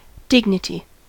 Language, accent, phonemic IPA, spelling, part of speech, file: English, US, /ˈdɪɡnɪti/, dignity, noun, En-us-dignity.ogg
- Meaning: 1. The state of being dignified or worthy of esteem: elevation of mind or character 2. Decorum, formality, stateliness 3. High office, rank, or station 4. One holding high rank; a dignitary